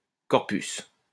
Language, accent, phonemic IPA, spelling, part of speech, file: French, France, /kɔʁ.pys/, corpus, noun, LL-Q150 (fra)-corpus.wav
- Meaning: a corpus, a body of texts